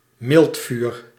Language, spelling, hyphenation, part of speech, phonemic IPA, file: Dutch, miltvuur, milt‧vuur, noun, /ˈmɪlt.fyr/, Nl-miltvuur.ogg
- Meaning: anthrax